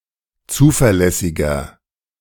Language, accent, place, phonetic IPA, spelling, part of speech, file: German, Germany, Berlin, [ˈt͡suːfɛɐ̯ˌlɛsɪɡɐ], zuverlässiger, adjective, De-zuverlässiger.ogg
- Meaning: 1. comparative degree of zuverlässig 2. inflection of zuverlässig: strong/mixed nominative masculine singular 3. inflection of zuverlässig: strong genitive/dative feminine singular